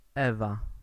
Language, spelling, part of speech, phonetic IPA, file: Polish, Ewa, proper noun, [ˈɛva], Pl-Ewa.ogg